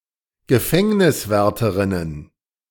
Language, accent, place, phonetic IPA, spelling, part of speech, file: German, Germany, Berlin, [ɡəˈfɛŋnɪsvɛʁtəʁɪnən], Gefängniswärterinnen, noun, De-Gefängniswärterinnen.ogg
- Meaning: plural of Gefängniswärterin